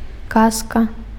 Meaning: fairy tale
- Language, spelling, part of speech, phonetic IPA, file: Belarusian, казка, noun, [ˈkaska], Be-казка.ogg